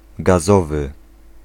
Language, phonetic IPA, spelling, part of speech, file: Polish, [ɡaˈzɔvɨ], gazowy, adjective, Pl-gazowy.ogg